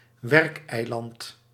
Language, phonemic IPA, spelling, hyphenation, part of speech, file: Dutch, /ˈʋɛrk.ɛi̯ˌlɑnt/, werkeiland, werk‧ei‧land, noun, Nl-werkeiland.ogg
- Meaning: an artificial island created for construction purposes